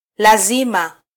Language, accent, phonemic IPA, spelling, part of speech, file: Swahili, Kenya, /ˈlɑ.zi.mɑ/, lazima, noun, Sw-ke-lazima.flac
- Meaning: necessity, must, obligation